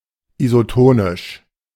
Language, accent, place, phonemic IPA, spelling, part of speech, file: German, Germany, Berlin, /izoˈtoːnɪʃ/, isotonisch, adjective, De-isotonisch.ogg
- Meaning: isotonic